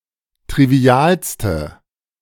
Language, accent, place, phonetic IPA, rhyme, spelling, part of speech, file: German, Germany, Berlin, [tʁiˈvi̯aːlstə], -aːlstə, trivialste, adjective, De-trivialste.ogg
- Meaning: inflection of trivial: 1. strong/mixed nominative/accusative feminine singular superlative degree 2. strong nominative/accusative plural superlative degree